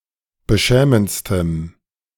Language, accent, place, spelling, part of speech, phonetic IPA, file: German, Germany, Berlin, beschämendstem, adjective, [bəˈʃɛːmənt͡stəm], De-beschämendstem.ogg
- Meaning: strong dative masculine/neuter singular superlative degree of beschämend